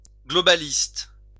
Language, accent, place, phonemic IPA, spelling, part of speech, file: French, France, Lyon, /ɡlɔ.ba.list/, globaliste, adjective / noun, LL-Q150 (fra)-globaliste.wav
- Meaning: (adjective) globalist